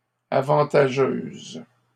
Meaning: feminine singular of avantageux
- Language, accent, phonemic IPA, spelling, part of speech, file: French, Canada, /a.vɑ̃.ta.ʒøz/, avantageuse, adjective, LL-Q150 (fra)-avantageuse.wav